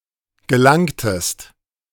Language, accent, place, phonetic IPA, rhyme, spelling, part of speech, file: German, Germany, Berlin, [ɡəˈlaŋtəst], -aŋtəst, gelangtest, verb, De-gelangtest.ogg
- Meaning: inflection of gelangen: 1. second-person singular preterite 2. second-person singular subjunctive II